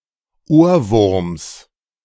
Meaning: genitive singular of Ohrwurm
- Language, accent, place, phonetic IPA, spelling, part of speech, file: German, Germany, Berlin, [ˈoːɐ̯ˌvʊʁms], Ohrwurms, noun, De-Ohrwurms.ogg